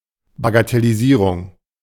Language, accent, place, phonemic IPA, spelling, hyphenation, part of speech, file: German, Germany, Berlin, /baɡatɛliˈziːʁʊŋ/, Bagatellisierung, Ba‧ga‧tel‧li‧sie‧rung, noun, De-Bagatellisierung.ogg
- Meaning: trivialization, belittling